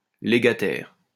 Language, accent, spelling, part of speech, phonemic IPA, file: French, France, légataire, noun, /le.ɡa.tɛʁ/, LL-Q150 (fra)-légataire.wav
- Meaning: legatee